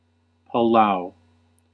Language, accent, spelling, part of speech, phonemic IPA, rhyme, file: English, US, Palau, proper noun, /pəˈlaʊ/, -aʊ, En-us-Palau.ogg
- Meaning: A country consisting of around 340 islands in Micronesia, in Oceania. Official name: Republic of Palau. Capital: Ngerulmud